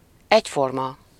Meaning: of the same type, kind, shape or form
- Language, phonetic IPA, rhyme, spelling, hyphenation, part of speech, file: Hungarian, [ˈɛcformɒ], -mɒ, egyforma, egy‧for‧ma, adjective, Hu-egyforma.ogg